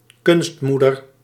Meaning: an artificial mother for infant animals, in particular livestock, to allow attachment
- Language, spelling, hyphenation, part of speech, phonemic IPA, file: Dutch, kunstmoeder, kunst‧moe‧der, noun, /ˈkʏnstˌmu.dər/, Nl-kunstmoeder.ogg